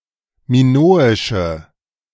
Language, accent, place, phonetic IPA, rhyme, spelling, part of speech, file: German, Germany, Berlin, [miˈnoːɪʃə], -oːɪʃə, minoische, adjective, De-minoische.ogg
- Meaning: inflection of minoisch: 1. strong/mixed nominative/accusative feminine singular 2. strong nominative/accusative plural 3. weak nominative all-gender singular